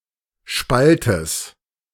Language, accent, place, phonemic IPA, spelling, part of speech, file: German, Germany, Berlin, /ˈʃpaltəs/, Spaltes, noun, De-Spaltes.ogg
- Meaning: genitive singular of Spalt